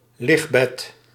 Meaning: a sunlounger
- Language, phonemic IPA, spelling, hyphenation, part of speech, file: Dutch, /ˈlɪx.bɛt/, ligbed, lig‧bed, noun, Nl-ligbed.ogg